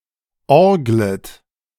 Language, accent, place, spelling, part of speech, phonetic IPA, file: German, Germany, Berlin, orglet, verb, [ˈɔʁɡlət], De-orglet.ogg
- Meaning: second-person plural subjunctive I of orgeln